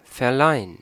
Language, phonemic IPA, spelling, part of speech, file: German, /fɛɐ̯ˈlaɪ̯ən/, verleihen, verb, De-verleihen.ogg
- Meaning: 1. to award (someone an honor, a medal, etc); to confer (a title or degree upon someone) 2. to lend (something to someone, for a finite period of time)